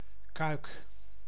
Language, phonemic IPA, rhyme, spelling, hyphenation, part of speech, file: Dutch, /kœy̯k/, -œy̯k, Cuijk, Cuijk, proper noun, Nl-Cuijk.ogg
- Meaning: a large village and former municipality of Land van Cuijk, North Brabant, Netherlands